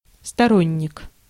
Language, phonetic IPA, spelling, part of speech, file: Russian, [stɐˈronʲ(ː)ɪk], сторонник, noun, Ru-сторонник.ogg
- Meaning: supporter, champion, advocate, proponent, adherent